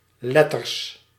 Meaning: plural of letter
- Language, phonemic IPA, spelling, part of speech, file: Dutch, /ˈlɛtərs/, letters, noun, Nl-letters.ogg